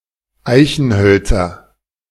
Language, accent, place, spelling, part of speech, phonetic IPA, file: German, Germany, Berlin, Eichenhölzer, noun, [ˈaɪ̯çn̩ˌhœlt͡sɐ], De-Eichenhölzer.ogg
- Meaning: nominative/accusative/genitive plural of Eichenholz